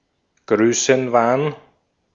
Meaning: megalomania, delusion of grandeur
- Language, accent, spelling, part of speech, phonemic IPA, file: German, Austria, Größenwahn, noun, /ˈɡʁøːsn̩vaːn/, De-at-Größenwahn.ogg